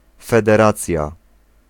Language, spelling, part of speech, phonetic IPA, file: Polish, federacja, noun, [ˌfɛdɛˈrat͡sʲja], Pl-federacja.ogg